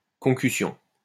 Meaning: political corruption, misappropriation
- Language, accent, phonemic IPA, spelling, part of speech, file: French, France, /kɔ̃.ky.sjɔ̃/, concussion, noun, LL-Q150 (fra)-concussion.wav